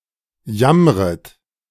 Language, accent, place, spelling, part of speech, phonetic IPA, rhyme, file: German, Germany, Berlin, jammret, verb, [ˈjamʁət], -amʁət, De-jammret.ogg
- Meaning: second-person plural subjunctive I of jammern